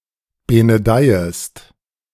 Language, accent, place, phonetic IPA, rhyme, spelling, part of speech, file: German, Germany, Berlin, [ˌbenəˈdaɪ̯əst], -aɪ̯əst, benedeiest, verb, De-benedeiest.ogg
- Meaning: second-person singular subjunctive I of benedeien